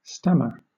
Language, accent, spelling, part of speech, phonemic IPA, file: English, Southern England, stammer, verb / noun, /ˈstæmə/, LL-Q1860 (eng)-stammer.wav
- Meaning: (verb) 1. To keep repeating a particular sound involuntarily during speech 2. To utter with a stammer, or with timid hesitancy; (noun) The involuntary repetition of a sound in speech